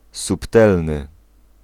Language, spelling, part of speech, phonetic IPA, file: Polish, subtelny, adjective, [supˈtɛlnɨ], Pl-subtelny.ogg